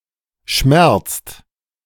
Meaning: inflection of schmerzen: 1. second/third-person singular present 2. second-person plural present 3. plural imperative
- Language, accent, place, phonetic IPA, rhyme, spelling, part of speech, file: German, Germany, Berlin, [ʃmɛʁt͡st], -ɛʁt͡st, schmerzt, verb, De-schmerzt.ogg